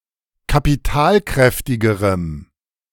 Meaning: strong dative masculine/neuter singular comparative degree of kapitalkräftig
- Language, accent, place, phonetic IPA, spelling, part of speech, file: German, Germany, Berlin, [kapiˈtaːlˌkʁɛftɪɡəʁəm], kapitalkräftigerem, adjective, De-kapitalkräftigerem.ogg